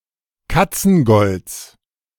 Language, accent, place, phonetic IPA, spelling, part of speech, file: German, Germany, Berlin, [ˈkat͡sn̩ˌɡɔlt͡s], Katzengolds, noun, De-Katzengolds.ogg
- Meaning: genitive singular of Katzengold